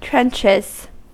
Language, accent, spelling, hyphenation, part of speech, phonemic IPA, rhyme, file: English, US, trenches, trench‧es, noun / verb, /ˈtɹɛnt͡ʃɪz/, -ɛntʃɪz, En-us-trenches.ogg
- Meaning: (noun) 1. plural of trench 2. The front line of any field of endeavor, as the line of scrimmage in American football, patrol duty for a policeman